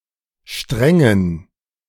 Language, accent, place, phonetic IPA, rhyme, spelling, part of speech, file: German, Germany, Berlin, [ˈʃtʁɛŋən], -ɛŋən, strengen, adjective, De-strengen.ogg
- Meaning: inflection of streng: 1. strong genitive masculine/neuter singular 2. weak/mixed genitive/dative all-gender singular 3. strong/weak/mixed accusative masculine singular 4. strong dative plural